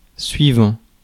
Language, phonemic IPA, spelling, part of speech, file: French, /sɥi.vɑ̃/, suivant, adjective / noun / verb, Fr-suivant.ogg
- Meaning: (adjective) next, following; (noun) follower, attendant; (verb) present participle of suivre